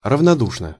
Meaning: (adverb) indifferently; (adjective) short neuter singular of равноду́шный (ravnodúšnyj)
- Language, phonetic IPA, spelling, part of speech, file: Russian, [rəvnɐˈduʂnə], равнодушно, adverb / adjective, Ru-равнодушно.ogg